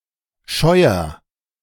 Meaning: barn
- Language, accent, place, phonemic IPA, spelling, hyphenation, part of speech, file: German, Germany, Berlin, /ˈʃɔɪ̯ɐ/, Scheuer, Scheu‧er, noun, De-Scheuer.ogg